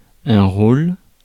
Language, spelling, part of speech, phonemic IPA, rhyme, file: French, rôle, noun, /ʁol/, -ol, Fr-rôle.ogg
- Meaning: 1. role 2. character